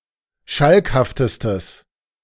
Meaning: strong/mixed nominative/accusative neuter singular superlative degree of schalkhaft
- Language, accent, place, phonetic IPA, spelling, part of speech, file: German, Germany, Berlin, [ˈʃalkhaftəstəs], schalkhaftestes, adjective, De-schalkhaftestes.ogg